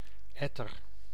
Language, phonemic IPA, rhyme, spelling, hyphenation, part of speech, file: Dutch, /ˈɛ.tər/, -ɛtər, etter, et‧ter, noun / verb, Nl-etter.ogg
- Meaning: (noun) 1. pus 2. a nasty person, a prat; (verb) inflection of etteren: 1. first-person singular present indicative 2. second-person singular present indicative 3. imperative